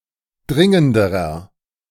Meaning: inflection of dringend: 1. strong/mixed nominative masculine singular comparative degree 2. strong genitive/dative feminine singular comparative degree 3. strong genitive plural comparative degree
- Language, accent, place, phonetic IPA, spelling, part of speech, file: German, Germany, Berlin, [ˈdʁɪŋəndəʁɐ], dringenderer, adjective, De-dringenderer.ogg